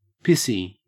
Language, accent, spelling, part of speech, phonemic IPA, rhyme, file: English, Australia, pissy, adjective, /ˈpɪsi/, -ɪsi, En-au-pissy.ogg
- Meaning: 1. Soaked or dirtied by urine 2. Resembling or smelling like urine 3. Resembling or smelling like urine.: Weak and drizzly 4. Anal retentive, whinging and pernickety